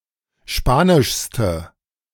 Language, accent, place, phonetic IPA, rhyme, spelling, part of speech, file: German, Germany, Berlin, [ˈʃpaːnɪʃstə], -aːnɪʃstə, spanischste, adjective, De-spanischste.ogg
- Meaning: inflection of spanisch: 1. strong/mixed nominative/accusative feminine singular superlative degree 2. strong nominative/accusative plural superlative degree